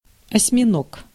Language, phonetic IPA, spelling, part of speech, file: Russian, [ɐsʲmʲɪˈnok], осьминог, noun, Ru-осьминог.ogg
- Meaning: octopus